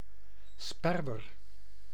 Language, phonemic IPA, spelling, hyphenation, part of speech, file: Dutch, /ˈspɛr.ʋər/, sperwer, sper‧wer, noun, Nl-sperwer.ogg
- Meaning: 1. sparrow hawk (Accipiter nisus) 2. various other birds of prey of the family Accipitridae